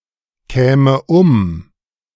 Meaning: first/third-person singular subjunctive II of umkommen
- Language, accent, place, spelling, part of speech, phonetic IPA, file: German, Germany, Berlin, käme um, verb, [ˌkɛːmə ˈʊm], De-käme um.ogg